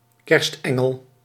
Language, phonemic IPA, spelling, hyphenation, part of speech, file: Dutch, /ˈkɛrstˌɛ.ŋəl/, kerstengel, kerst‧en‧gel, noun, Nl-kerstengel.ogg
- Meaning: 1. Christmas angel; figurine of an angel used as Christmas decoration (often hung in Christmas trees) 2. any other angel in relation to Christmas